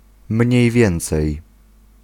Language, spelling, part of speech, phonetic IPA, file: Polish, mniej więcej, particle, [ˈmʲɲɛ̇j ˈvʲjɛ̃nt͡sɛj], Pl-mniej więcej.ogg